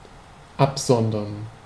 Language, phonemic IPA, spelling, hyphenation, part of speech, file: German, /ˈapˌzɔndɐn/, absondern, ab‧son‧dern, verb, De-absondern.ogg
- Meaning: 1. to secrete; to exude (especially a liquid) 2. to say; to utter (especially repeatedly over some period of time, as though it were a secretion)